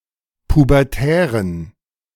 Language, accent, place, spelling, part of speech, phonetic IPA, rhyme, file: German, Germany, Berlin, pubertären, adjective, [pubɛʁˈtɛːʁən], -ɛːʁən, De-pubertären.ogg
- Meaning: inflection of pubertär: 1. strong genitive masculine/neuter singular 2. weak/mixed genitive/dative all-gender singular 3. strong/weak/mixed accusative masculine singular 4. strong dative plural